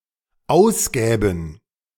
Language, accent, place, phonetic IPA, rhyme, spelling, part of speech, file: German, Germany, Berlin, [ˈaʊ̯sˌɡɛːbn̩], -aʊ̯sɡɛːbn̩, ausgäben, verb, De-ausgäben.ogg
- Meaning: first/third-person plural dependent subjunctive II of ausgeben